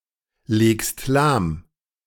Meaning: second-person singular present of lahmlegen
- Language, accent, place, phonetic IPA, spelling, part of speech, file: German, Germany, Berlin, [ˌleːkst ˈlaːm], legst lahm, verb, De-legst lahm.ogg